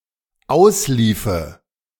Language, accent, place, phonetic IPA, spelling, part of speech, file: German, Germany, Berlin, [ˈaʊ̯sˌliːfə], ausliefe, verb, De-ausliefe.ogg
- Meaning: first/third-person singular dependent subjunctive II of auslaufen